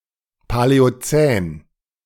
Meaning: Paleocene
- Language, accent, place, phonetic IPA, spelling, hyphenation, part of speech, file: German, Germany, Berlin, [palɛoˈt͡sɛːn], Paläozän, Pa‧lä‧o‧zän, proper noun, De-Paläozän.ogg